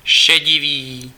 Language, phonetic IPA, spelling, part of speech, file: Czech, [ˈʃɛɟɪviː], šedivý, adjective, Cs-šedivý.ogg
- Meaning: gray, grey